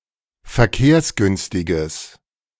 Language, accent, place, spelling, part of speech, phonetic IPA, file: German, Germany, Berlin, verkehrsgünstiges, adjective, [fɛɐ̯ˈkeːɐ̯sˌɡʏnstɪɡəs], De-verkehrsgünstiges.ogg
- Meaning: strong/mixed nominative/accusative neuter singular of verkehrsgünstig